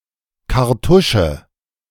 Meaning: 1. cartridge case, casing (parts of a round of ammunition exclusive of the projectile) 2. ink cartridge 3. gas bottle, canister (to supply gas to a device, e.g. for a gas cooker or water carbonator)
- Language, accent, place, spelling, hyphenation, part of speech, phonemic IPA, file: German, Germany, Berlin, Kartusche, Kar‧tu‧sche, noun, /kaʁˈtʊʃə/, De-Kartusche.ogg